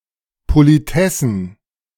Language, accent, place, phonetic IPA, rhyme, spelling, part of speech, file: German, Germany, Berlin, [ˌpoliˈtɛsn̩], -ɛsn̩, Politessen, noun, De-Politessen.ogg
- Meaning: plural of Politesse